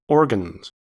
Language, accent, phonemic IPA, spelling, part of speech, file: English, US, /ˈɔɹ.ɡənz/, organs, noun / verb, En-us-organs.ogg
- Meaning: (noun) plural of organ; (verb) third-person singular simple present indicative of organ